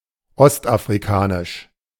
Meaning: East African
- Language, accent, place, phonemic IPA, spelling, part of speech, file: German, Germany, Berlin, /ˌɔstʔafʁiˈkaːnɪʃ/, ostafrikanisch, adjective, De-ostafrikanisch.ogg